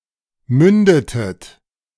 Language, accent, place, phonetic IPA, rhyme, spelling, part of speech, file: German, Germany, Berlin, [ˈmʏndətət], -ʏndətət, mündetet, verb, De-mündetet.ogg
- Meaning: inflection of münden: 1. second-person plural preterite 2. second-person plural subjunctive II